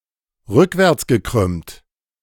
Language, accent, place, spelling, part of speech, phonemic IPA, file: German, Germany, Berlin, rückwärtsgekrümmt, adjective, /ˈʁʏkvɛʁt͡sɡəˌkʁʏmt/, De-rückwärtsgekrümmt.ogg
- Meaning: curved backwards